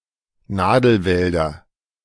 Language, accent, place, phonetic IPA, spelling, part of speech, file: German, Germany, Berlin, [ˈnaːdl̩ˌvɛldɐ], Nadelwälder, noun, De-Nadelwälder.ogg
- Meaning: nominative/accusative/genitive plural of Nadelwald